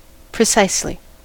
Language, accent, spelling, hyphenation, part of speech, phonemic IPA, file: English, US, precisely, pre‧cise‧ly, adverb, /pɹɪˈsaɪs.li/, En-us-precisely.ogg
- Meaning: 1. In a precise manner; exactly 2. Used to provide emphasis